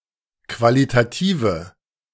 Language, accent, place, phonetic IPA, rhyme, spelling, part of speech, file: German, Germany, Berlin, [ˌkvalitaˈtiːvə], -iːvə, qualitative, adjective, De-qualitative.ogg
- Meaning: inflection of qualitativ: 1. strong/mixed nominative/accusative feminine singular 2. strong nominative/accusative plural 3. weak nominative all-gender singular